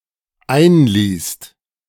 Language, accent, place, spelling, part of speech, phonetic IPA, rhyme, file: German, Germany, Berlin, einließt, verb, [ˈaɪ̯nˌliːst], -aɪ̯nliːst, De-einließt.ogg
- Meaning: second-person singular/plural dependent preterite of einlassen